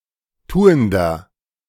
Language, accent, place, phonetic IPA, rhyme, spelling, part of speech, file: German, Germany, Berlin, [ˈtuːəndɐ], -uːəndɐ, tuender, adjective, De-tuender.ogg
- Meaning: inflection of tuend: 1. strong/mixed nominative masculine singular 2. strong genitive/dative feminine singular 3. strong genitive plural